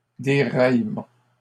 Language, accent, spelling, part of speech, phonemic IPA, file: French, Canada, déraillement, noun, /de.ʁaj.mɑ̃/, LL-Q150 (fra)-déraillement.wav
- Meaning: derailment